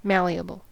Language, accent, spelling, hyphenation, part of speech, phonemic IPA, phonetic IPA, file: English, US, malleable, mal‧le‧a‧ble, adjective, /ˈmæl.iː.ə.bəl/, [ˈmæɫiəbɫ̩], En-us-malleable.ogg
- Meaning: 1. Able to be hammered into thin sheets; capable of being extended or shaped by beating with a hammer, or by the pressure of rollers 2. Flexible, liable to change